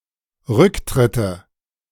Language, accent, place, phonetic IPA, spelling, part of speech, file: German, Germany, Berlin, [ˈʁʏkˌtʁɪtə], Rücktritte, noun, De-Rücktritte.ogg
- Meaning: nominative/accusative/genitive plural of Rücktritt